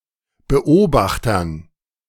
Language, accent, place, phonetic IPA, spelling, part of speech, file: German, Germany, Berlin, [bəˈʔoːbaxtɐn], Beobachtern, noun, De-Beobachtern.ogg
- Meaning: dative plural of Beobachter